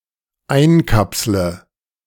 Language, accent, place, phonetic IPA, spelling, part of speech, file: German, Germany, Berlin, [ˈaɪ̯nˌkapslə], einkapsle, verb, De-einkapsle.ogg
- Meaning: inflection of einkapseln: 1. first-person singular dependent present 2. first/third-person singular dependent subjunctive I